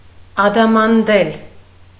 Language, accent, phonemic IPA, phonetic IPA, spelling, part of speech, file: Armenian, Eastern Armenian, /ɑdɑmɑnˈdel/, [ɑdɑmɑndél], ադամանդել, verb, Hy-ադամանդել.ogg
- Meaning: to adorn with diamonds